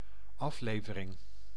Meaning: 1. delivery 2. issue (of a periodical) 3. episode, instalment (e.g. of a series)
- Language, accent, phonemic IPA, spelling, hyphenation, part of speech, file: Dutch, Netherlands, /ˈɑfˌleːvərɪŋ/, aflevering, af‧le‧ve‧ring, noun, Nl-aflevering.ogg